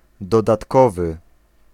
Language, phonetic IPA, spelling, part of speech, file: Polish, [ˌdɔdatˈkɔvɨ], dodatkowy, adjective, Pl-dodatkowy.ogg